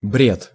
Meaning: 1. delirium, ravings 2. nonsense, baloney 3. gibberish
- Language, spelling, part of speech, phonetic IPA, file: Russian, бред, noun, [brʲet], Ru-бред.ogg